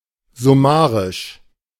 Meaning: summary
- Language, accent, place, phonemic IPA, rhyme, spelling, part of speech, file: German, Germany, Berlin, /zʊˈmaːʁɪʃ/, -aːʁɪʃ, summarisch, adjective, De-summarisch.ogg